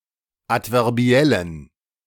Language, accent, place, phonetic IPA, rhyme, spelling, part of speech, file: German, Germany, Berlin, [ˌatvɛʁˈbi̯ɛlən], -ɛlən, adverbiellen, adjective, De-adverbiellen.ogg
- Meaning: inflection of adverbiell: 1. strong genitive masculine/neuter singular 2. weak/mixed genitive/dative all-gender singular 3. strong/weak/mixed accusative masculine singular 4. strong dative plural